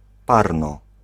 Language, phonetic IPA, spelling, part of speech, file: Polish, [ˈparnɔ], parno, adverb, Pl-parno.ogg